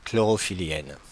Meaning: feminine singular of chlorophyllien
- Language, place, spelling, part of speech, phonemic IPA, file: French, Paris, chlorophyllienne, adjective, /klɔ.ʁɔ.fi.ljɛn/, Fr-chlorophyllienne.oga